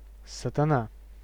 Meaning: Satan, Prince of Darkness
- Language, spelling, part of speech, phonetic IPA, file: Russian, Сатана, proper noun, [sətɐˈna], Ru-Сатана.ogg